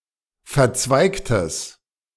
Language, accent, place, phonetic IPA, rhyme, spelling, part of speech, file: German, Germany, Berlin, [fɛɐ̯ˈt͡svaɪ̯ktəs], -aɪ̯ktəs, verzweigtes, adjective, De-verzweigtes.ogg
- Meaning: strong/mixed nominative/accusative neuter singular of verzweigt